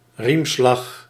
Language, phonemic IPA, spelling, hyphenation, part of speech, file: Dutch, /ˈrim.slɑx/, riemslag, riem‧slag, noun, Nl-riemslag.ogg
- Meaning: 1. oar stroke 2. lash with a belt